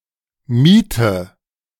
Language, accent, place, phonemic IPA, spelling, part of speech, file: German, Germany, Berlin, /ˈmiːtə/, miete, verb, De-miete.ogg
- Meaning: inflection of mieten: 1. first-person singular present 2. first/third-person singular subjunctive I 3. singular imperative